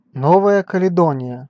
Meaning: New Caledonia (an archipelago and overseas territory of France in Oceania; capital: Nouméa)
- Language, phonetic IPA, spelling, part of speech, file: Russian, [ˈnovəjə kəlʲɪˈdonʲɪjə], Новая Каледония, proper noun, Ru-Новая Каледония.ogg